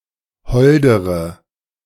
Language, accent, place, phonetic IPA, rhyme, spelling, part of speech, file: German, Germany, Berlin, [ˈhɔldəʁə], -ɔldəʁə, holdere, adjective, De-holdere.ogg
- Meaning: inflection of hold: 1. strong/mixed nominative/accusative feminine singular comparative degree 2. strong nominative/accusative plural comparative degree